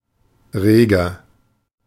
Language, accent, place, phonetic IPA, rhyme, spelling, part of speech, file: German, Germany, Berlin, [ˈʁeːɡɐ], -eːɡɐ, reger, adjective, De-reger.ogg
- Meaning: 1. comparative degree of rege 2. inflection of rege: strong/mixed nominative masculine singular 3. inflection of rege: strong genitive/dative feminine singular